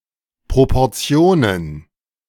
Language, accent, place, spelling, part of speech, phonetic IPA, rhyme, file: German, Germany, Berlin, Proportionen, noun, [pʁopɔʁˈt͡si̯oːnən], -oːnən, De-Proportionen.ogg
- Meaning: plural of Proportion